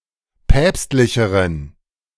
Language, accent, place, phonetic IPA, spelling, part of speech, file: German, Germany, Berlin, [ˈpɛːpstlɪçəʁən], päpstlicheren, adjective, De-päpstlicheren.ogg
- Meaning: inflection of päpstlich: 1. strong genitive masculine/neuter singular comparative degree 2. weak/mixed genitive/dative all-gender singular comparative degree